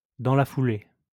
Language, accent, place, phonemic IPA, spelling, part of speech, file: French, France, Lyon, /dɑ̃ la fu.le/, dans la foulée, phrase, LL-Q150 (fra)-dans la foulée.wav
- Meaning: 1. while you're at it, at the same time 2. within the bounds (with de (“of”)) 3. in the wake (with de (“of”)) 4. not outside the bounds of